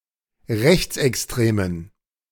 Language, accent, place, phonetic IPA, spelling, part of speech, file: German, Germany, Berlin, [ˈʁɛçt͡sʔɛksˌtʁeːmən], rechtsextremen, adjective, De-rechtsextremen.ogg
- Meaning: inflection of rechtsextrem: 1. strong genitive masculine/neuter singular 2. weak/mixed genitive/dative all-gender singular 3. strong/weak/mixed accusative masculine singular 4. strong dative plural